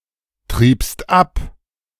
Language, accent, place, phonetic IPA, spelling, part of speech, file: German, Germany, Berlin, [ˌtʁiːpst ˈap], triebst ab, verb, De-triebst ab.ogg
- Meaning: second-person singular preterite of abtreiben